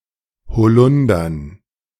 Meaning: dative plural of Holunder
- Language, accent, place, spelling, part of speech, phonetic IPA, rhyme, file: German, Germany, Berlin, Holundern, noun, [hoˈlʊndɐn], -ʊndɐn, De-Holundern.ogg